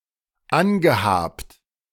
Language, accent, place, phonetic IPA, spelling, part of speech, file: German, Germany, Berlin, [ˈanɡəˌhaːpt], angehabt, verb, De-angehabt.ogg
- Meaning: past participle of anhaben